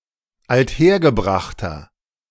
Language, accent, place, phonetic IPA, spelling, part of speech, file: German, Germany, Berlin, [altˈheːɐ̯ɡəˌbʁaxtɐ], althergebrachter, adjective, De-althergebrachter.ogg
- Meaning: inflection of althergebracht: 1. strong/mixed nominative masculine singular 2. strong genitive/dative feminine singular 3. strong genitive plural